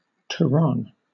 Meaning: A Spanish form of nougat made from almonds and honey
- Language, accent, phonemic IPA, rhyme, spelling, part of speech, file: English, Southern England, /təˈɹɒn/, -ɒn, turron, noun, LL-Q1860 (eng)-turron.wav